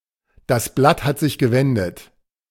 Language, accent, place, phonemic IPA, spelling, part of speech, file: German, Germany, Berlin, /ˌdas ˈblat ˌhat sɪç ɡəˈvɛndət/, das Blatt hat sich gewendet, proverb, De-das Blatt hat sich gewendet.ogg
- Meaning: the tables have turned